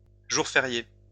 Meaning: bank holiday; public holiday
- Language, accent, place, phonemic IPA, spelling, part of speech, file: French, France, Lyon, /ʒuʁ fe.ʁje/, jour férié, noun, LL-Q150 (fra)-jour férié.wav